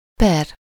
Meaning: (noun) action, suit, lawsuit; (adverb) 1. per 2. divided by
- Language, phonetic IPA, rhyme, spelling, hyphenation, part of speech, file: Hungarian, [ˈpɛr], -ɛr, per, per, noun / adverb, Hu-per.ogg